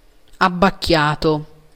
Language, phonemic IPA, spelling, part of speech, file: Italian, /abbakˈkjato/, abbacchiato, adjective / verb, It-abbacchiato.ogg